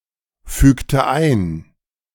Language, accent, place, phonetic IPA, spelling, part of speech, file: German, Germany, Berlin, [ˌfyːktə ˈaɪ̯n], fügte ein, verb, De-fügte ein.ogg
- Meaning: inflection of einfügen: 1. first/third-person singular preterite 2. first/third-person singular subjunctive II